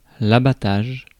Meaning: 1. slaughter or butchering for meat 2. felling or cutting down of (trees) 3. destruction, demolition of (a wall)
- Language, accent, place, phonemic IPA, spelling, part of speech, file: French, France, Paris, /a.ba.taʒ/, abattage, noun, Fr-abattage.ogg